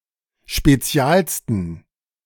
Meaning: 1. superlative degree of spezial 2. inflection of spezial: strong genitive masculine/neuter singular superlative degree
- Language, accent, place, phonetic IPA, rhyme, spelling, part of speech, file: German, Germany, Berlin, [ʃpeˈt͡si̯aːlstn̩], -aːlstn̩, spezialsten, adjective, De-spezialsten.ogg